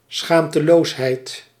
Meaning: shamelessness, impudicity
- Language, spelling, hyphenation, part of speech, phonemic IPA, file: Dutch, schaamteloosheid, schaam‧te‧loos‧heid, noun, /ˈsxaːm.təˌloːs.ɦɛi̯t/, Nl-schaamteloosheid.ogg